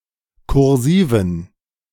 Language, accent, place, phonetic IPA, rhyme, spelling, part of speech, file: German, Germany, Berlin, [kʊʁˈziːvn̩], -iːvn̩, kursiven, adjective, De-kursiven.ogg
- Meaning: inflection of kursiv: 1. strong genitive masculine/neuter singular 2. weak/mixed genitive/dative all-gender singular 3. strong/weak/mixed accusative masculine singular 4. strong dative plural